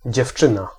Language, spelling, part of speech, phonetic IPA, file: Polish, dziewczyna, noun, [d͡ʑɛfˈt͡ʃɨ̃na], Pl-dziewczyna.ogg